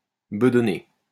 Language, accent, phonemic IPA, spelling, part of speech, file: French, France, /bə.dɔ.ne/, bedonner, verb, LL-Q150 (fra)-bedonner.wav
- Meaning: to have a plump stomach, to be paunchy